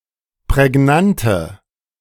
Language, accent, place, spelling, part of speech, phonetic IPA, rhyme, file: German, Germany, Berlin, prägnante, adjective, [pʁɛˈɡnantə], -antə, De-prägnante.ogg
- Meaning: inflection of prägnant: 1. strong/mixed nominative/accusative feminine singular 2. strong nominative/accusative plural 3. weak nominative all-gender singular